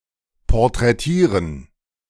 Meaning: 1. to paint a portrait of 2. to portray
- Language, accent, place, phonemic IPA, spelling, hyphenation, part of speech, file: German, Germany, Berlin, /pɔrtrɛˈtiːrən/, porträtieren, por‧trä‧tie‧ren, verb, De-porträtieren.ogg